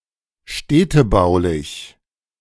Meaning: 1. town planning 2. urban building 3. urban development
- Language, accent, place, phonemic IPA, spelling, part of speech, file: German, Germany, Berlin, /ˈʃtɛtəbaʊ̯lɪç/, städtebaulich, adjective, De-städtebaulich.ogg